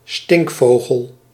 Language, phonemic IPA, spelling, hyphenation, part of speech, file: Dutch, /ˈstɪŋkˌfoː.ɣəl/, stinkvogel, stink‧vo‧gel, noun, Nl-stinkvogel.ogg
- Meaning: 1. black vulture, Coragyps atratus 2. hoatzin, Opisthocomus hoazin